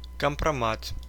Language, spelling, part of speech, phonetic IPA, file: Russian, компромат, noun, [kəmprɐˈmat], Ru-компрома́т.ogg
- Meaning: kompromat; information damaging a targeted person's reputation; compromising or discrediting evidence, dirt